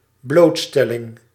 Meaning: exposure (to)
- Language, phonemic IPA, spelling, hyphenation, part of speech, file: Dutch, /ˈbloːtˌstɛ.lɪŋ/, blootstelling, bloot‧stel‧ling, noun, Nl-blootstelling.ogg